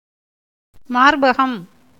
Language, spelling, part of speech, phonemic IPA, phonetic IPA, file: Tamil, மார்பகம், noun, /mɑːɾbɐɡɐm/, [mäːɾbɐɡɐm], Ta-மார்பகம்.ogg
- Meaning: chest